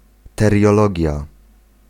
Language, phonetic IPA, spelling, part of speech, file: Polish, [ˌtɛrʲjɔˈlɔɟja], teriologia, noun, Pl-teriologia.ogg